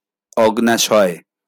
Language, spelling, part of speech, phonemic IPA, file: Bengali, অগ্ন্যাশয়, noun, /oɡ.næ.ʃɔe̯/, LL-Q9610 (ben)-অগ্ন্যাশয়.wav
- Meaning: the pancreas